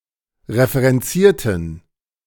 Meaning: inflection of referenzieren: 1. first/third-person plural preterite 2. first/third-person plural subjunctive II
- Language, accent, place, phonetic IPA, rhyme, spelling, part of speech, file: German, Germany, Berlin, [ʁefəʁɛnˈt͡siːɐ̯tn̩], -iːɐ̯tn̩, referenzierten, adjective / verb, De-referenzierten.ogg